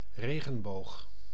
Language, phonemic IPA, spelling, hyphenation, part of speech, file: Dutch, /ˈreːɣə(n)ˌboːx/, regenboog, re‧gen‧boog, noun, Nl-regenboog.ogg
- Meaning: rainbow